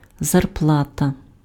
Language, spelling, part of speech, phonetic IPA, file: Ukrainian, зарплата, noun, [zɐrˈpɫatɐ], Uk-зарплата.ogg
- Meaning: salary, wages, pay